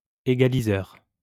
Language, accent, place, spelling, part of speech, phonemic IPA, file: French, France, Lyon, égaliseur, noun, /e.ɡa.li.zœʁ/, LL-Q150 (fra)-égaliseur.wav
- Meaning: equalizer, equaliser (electronic device)